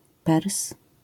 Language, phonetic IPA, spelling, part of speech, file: Polish, [pɛrs], Pers, noun, LL-Q809 (pol)-Pers.wav